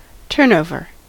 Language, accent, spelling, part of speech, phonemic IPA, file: English, US, turnover, noun / adjective, /ˈtɝnoʊvɚ/, En-us-turnover.ogg
- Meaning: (noun) The amount of money taken as sales transacted in a given period